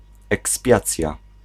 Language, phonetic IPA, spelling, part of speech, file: Polish, [ɛksˈpʲjat͡sʲja], ekspiacja, noun, Pl-ekspiacja.ogg